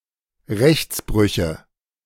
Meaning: nominative/accusative/genitive plural of Rechtsbruch
- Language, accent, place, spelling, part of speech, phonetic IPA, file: German, Germany, Berlin, Rechtsbrüche, noun, [ˈʁɛçt͡sˌbʁʏçə], De-Rechtsbrüche.ogg